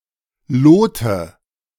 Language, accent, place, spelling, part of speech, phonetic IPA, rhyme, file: German, Germany, Berlin, Lote, noun, [ˈloːtə], -oːtə, De-Lote.ogg
- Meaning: nominative/accusative/genitive plural of Lot